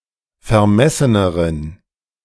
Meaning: inflection of vermessen: 1. strong genitive masculine/neuter singular comparative degree 2. weak/mixed genitive/dative all-gender singular comparative degree
- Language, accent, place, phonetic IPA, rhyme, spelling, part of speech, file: German, Germany, Berlin, [fɛɐ̯ˈmɛsənəʁən], -ɛsənəʁən, vermesseneren, adjective, De-vermesseneren.ogg